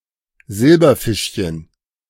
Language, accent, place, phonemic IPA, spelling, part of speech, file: German, Germany, Berlin, /ˈzɪlbɐˌfɪʃçən/, Silberfischchen, noun, De-Silberfischchen.ogg
- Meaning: silverfish, slicker (insect)